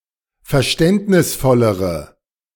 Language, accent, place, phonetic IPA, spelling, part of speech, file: German, Germany, Berlin, [fɛɐ̯ˈʃtɛntnɪsˌfɔləʁə], verständnisvollere, adjective, De-verständnisvollere.ogg
- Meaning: inflection of verständnisvoll: 1. strong/mixed nominative/accusative feminine singular comparative degree 2. strong nominative/accusative plural comparative degree